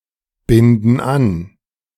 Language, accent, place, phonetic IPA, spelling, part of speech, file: German, Germany, Berlin, [ˌbɪndn̩ ˈan], binden an, verb, De-binden an.ogg
- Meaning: inflection of anbinden: 1. first/third-person plural present 2. first/third-person plural subjunctive I